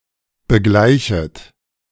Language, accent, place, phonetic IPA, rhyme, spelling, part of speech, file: German, Germany, Berlin, [bəˈɡlaɪ̯çət], -aɪ̯çət, begleichet, verb, De-begleichet.ogg
- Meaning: second-person plural subjunctive I of begleichen